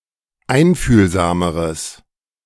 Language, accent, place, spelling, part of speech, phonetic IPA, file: German, Germany, Berlin, einfühlsameres, adjective, [ˈaɪ̯nfyːlzaːməʁəs], De-einfühlsameres.ogg
- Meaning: strong/mixed nominative/accusative neuter singular comparative degree of einfühlsam